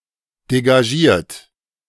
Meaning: 1. uninhibited, free 2. free-standing
- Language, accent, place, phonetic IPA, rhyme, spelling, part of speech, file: German, Germany, Berlin, [deɡaˈʒiːɐ̯t], -iːɐ̯t, degagiert, adjective, De-degagiert.ogg